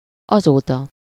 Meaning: since then
- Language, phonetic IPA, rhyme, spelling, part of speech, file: Hungarian, [ˈɒzoːtɒ], -tɒ, azóta, adverb, Hu-azóta.ogg